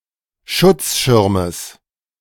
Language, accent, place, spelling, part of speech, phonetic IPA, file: German, Germany, Berlin, Schutzschirmes, noun, [ˈʃʊt͡sˌʃɪʁməs], De-Schutzschirmes.ogg
- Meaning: genitive singular of Schutzschirm